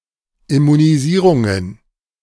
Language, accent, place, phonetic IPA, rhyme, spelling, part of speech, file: German, Germany, Berlin, [ɪmuniˈziːʁʊŋən], -iːʁʊŋən, Immunisierungen, noun, De-Immunisierungen.ogg
- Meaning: plural of Immunisierung